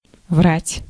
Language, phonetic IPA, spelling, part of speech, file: Russian, [vratʲ], врать, verb, Ru-врать.ogg
- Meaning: 1. to lie 2. to make a mistake 3. to be inaccurate 4. to tell tales